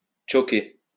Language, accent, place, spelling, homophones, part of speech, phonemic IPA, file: French, France, Lyon, choker, chokai / choké / chokée / chokées / chokés / chokez, verb, /tʃo.ke/, LL-Q150 (fra)-choker.wav
- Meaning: 1. to choke 2. to stop, to inhibit, to prevent 3. to fail, to fumble